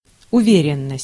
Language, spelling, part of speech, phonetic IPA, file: Russian, уверенность, noun, [ʊˈvʲerʲɪn(ː)əsʲtʲ], Ru-уверенность.ogg
- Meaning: 1. firmness, assurance 2. certainty 3. confidence